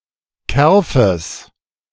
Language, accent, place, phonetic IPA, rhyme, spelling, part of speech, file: German, Germany, Berlin, [ˈkɛʁfəs], -ɛʁfəs, Kerfes, noun, De-Kerfes.ogg
- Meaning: genitive of Kerf